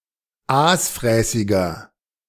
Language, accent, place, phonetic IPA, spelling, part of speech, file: German, Germany, Berlin, [ˈaːsˌfʁɛːsɪɡɐ], aasfräßiger, adjective, De-aasfräßiger.ogg
- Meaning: inflection of aasfräßig: 1. strong/mixed nominative masculine singular 2. strong genitive/dative feminine singular 3. strong genitive plural